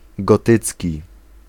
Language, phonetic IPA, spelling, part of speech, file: Polish, [ɡɔˈtɨt͡sʲci], gotycki, adjective, Pl-gotycki.ogg